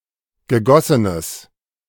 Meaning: strong/mixed nominative/accusative neuter singular of gegossen
- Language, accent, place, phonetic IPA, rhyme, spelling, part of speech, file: German, Germany, Berlin, [ɡəˈɡɔsənəs], -ɔsənəs, gegossenes, adjective, De-gegossenes.ogg